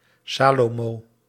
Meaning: Solomon (Biblical figure, historical king of Israel and Judah)
- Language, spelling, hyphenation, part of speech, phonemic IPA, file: Dutch, Salomo, Sa‧lo‧mo, proper noun, /ˈsaː.loːˌmoː/, Nl-Salomo.ogg